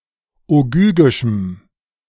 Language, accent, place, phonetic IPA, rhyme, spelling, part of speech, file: German, Germany, Berlin, [oˈɡyːɡɪʃm̩], -yːɡɪʃm̩, ogygischem, adjective, De-ogygischem.ogg
- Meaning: strong dative masculine/neuter singular of ogygisch